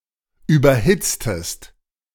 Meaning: inflection of überhitzen: 1. second-person singular preterite 2. second-person singular subjunctive II
- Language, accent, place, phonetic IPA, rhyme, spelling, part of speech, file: German, Germany, Berlin, [ˌyːbɐˈhɪt͡stəst], -ɪt͡stəst, überhitztest, verb, De-überhitztest.ogg